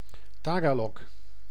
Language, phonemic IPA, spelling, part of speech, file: Dutch, /ˈtaːɡaːlɔk/, Tagalog, proper noun, Nl-Tagalog.ogg
- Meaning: Tagalog (language)